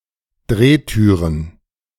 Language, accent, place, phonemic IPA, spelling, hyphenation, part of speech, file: German, Germany, Berlin, /ˈdʁeːˌtyːʁən/, Drehtüren, Dreh‧tü‧ren, noun, De-Drehtüren2.ogg
- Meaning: plural of Drehtür